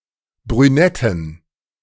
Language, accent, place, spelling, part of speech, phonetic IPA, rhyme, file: German, Germany, Berlin, brünetten, adjective, [bʁyˈnɛtn̩], -ɛtn̩, De-brünetten.ogg
- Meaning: inflection of brünett: 1. strong genitive masculine/neuter singular 2. weak/mixed genitive/dative all-gender singular 3. strong/weak/mixed accusative masculine singular 4. strong dative plural